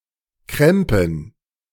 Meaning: plural of Krempe
- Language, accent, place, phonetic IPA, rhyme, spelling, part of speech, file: German, Germany, Berlin, [ˈkʁɛmpn̩], -ɛmpn̩, Krempen, noun, De-Krempen.ogg